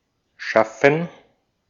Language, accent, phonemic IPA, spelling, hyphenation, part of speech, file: German, Austria, /ˈʃafən/, schaffen, schaf‧fen, verb, De-at-schaffen.ogg
- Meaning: 1. to create, to call into being 2. to create, make, form, shape 3. to create, produce, bring about, establish 4. to get done, to accomplish, achieve, to succeed with 5. to manage, to make it